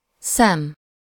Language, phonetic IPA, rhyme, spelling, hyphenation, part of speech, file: Hungarian, [ˈsɛm], -ɛm, szem, szem, noun, Hu-szem.ogg
- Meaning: 1. eye (visual organ in humans and animals) 2. eye (sight, look or attention) 3. eye (point of view, perspective or opinion) 4. grain (the harvested seed of various cereal crops)